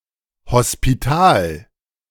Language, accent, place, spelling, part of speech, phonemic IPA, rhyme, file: German, Germany, Berlin, Hospital, noun, /ˌhɔspiˈtaːl/, -aːl, De-Hospital.ogg
- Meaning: alternative form of Spital